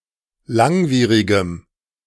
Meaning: strong dative masculine/neuter singular of langwierig
- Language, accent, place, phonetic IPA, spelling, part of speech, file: German, Germany, Berlin, [ˈlaŋˌviːʁɪɡəm], langwierigem, adjective, De-langwierigem.ogg